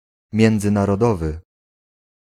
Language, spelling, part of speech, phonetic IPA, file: Polish, międzynarodowy, adjective, [ˌmʲjɛ̃nd͡zɨ̃narɔˈdɔvɨ], Pl-międzynarodowy.ogg